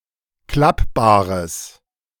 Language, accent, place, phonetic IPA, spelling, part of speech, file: German, Germany, Berlin, [ˈklapbaːʁəs], klappbares, adjective, De-klappbares.ogg
- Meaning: strong/mixed nominative/accusative neuter singular of klappbar